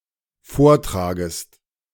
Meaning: second-person singular dependent subjunctive I of vortragen
- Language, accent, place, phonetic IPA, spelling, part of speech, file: German, Germany, Berlin, [ˈfoːɐ̯ˌtʁaːɡəst], vortragest, verb, De-vortragest.ogg